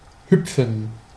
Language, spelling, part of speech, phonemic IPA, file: German, hüpfen, verb, /ˈhʏpfən/, De-hüpfen.ogg
- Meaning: 1. to hop, to skip, to bounce (of a ball) 2. to jump (for joy), to bob (on the water), etc